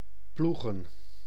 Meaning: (verb) to plough; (noun) plural of ploeg
- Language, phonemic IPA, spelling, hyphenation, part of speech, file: Dutch, /ˈplu.ɣə(n)/, ploegen, ploe‧gen, verb / noun, Nl-ploegen.ogg